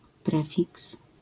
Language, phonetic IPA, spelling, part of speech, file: Polish, [ˈprɛfʲiks], prefiks, noun, LL-Q809 (pol)-prefiks.wav